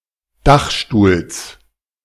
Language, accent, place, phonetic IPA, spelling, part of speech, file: German, Germany, Berlin, [ˈdaxʃtuːls], Dachstuhls, noun, De-Dachstuhls.ogg
- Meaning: genitive of Dachstuhl